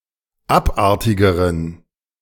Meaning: inflection of abartig: 1. strong genitive masculine/neuter singular comparative degree 2. weak/mixed genitive/dative all-gender singular comparative degree
- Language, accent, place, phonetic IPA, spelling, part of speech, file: German, Germany, Berlin, [ˈapˌʔaʁtɪɡəʁən], abartigeren, adjective, De-abartigeren.ogg